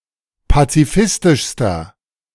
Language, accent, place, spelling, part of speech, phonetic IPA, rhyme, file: German, Germany, Berlin, pazifistischster, adjective, [pat͡siˈfɪstɪʃstɐ], -ɪstɪʃstɐ, De-pazifistischster.ogg
- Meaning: inflection of pazifistisch: 1. strong/mixed nominative masculine singular superlative degree 2. strong genitive/dative feminine singular superlative degree 3. strong genitive plural superlative degree